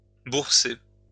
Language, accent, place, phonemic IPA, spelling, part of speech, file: French, France, Lyon, /buʁ.se/, bourser, verb, LL-Q150 (fra)-bourser.wav
- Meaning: alternative form of bercer